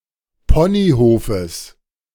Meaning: genitive singular of Ponyhof
- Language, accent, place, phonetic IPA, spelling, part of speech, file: German, Germany, Berlin, [ˈpɔniˌhoːfəs], Ponyhofes, noun, De-Ponyhofes.ogg